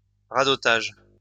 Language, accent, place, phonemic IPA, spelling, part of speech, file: French, France, Lyon, /ʁa.dɔ.taʒ/, radotage, noun, LL-Q150 (fra)-radotage.wav
- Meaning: drivel